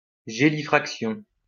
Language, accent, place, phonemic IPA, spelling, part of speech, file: French, France, Lyon, /ʒe.li.fʁak.sjɔ̃/, gélifraction, noun, LL-Q150 (fra)-gélifraction.wav
- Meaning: gelifraction, congeliturbation, cryoclasty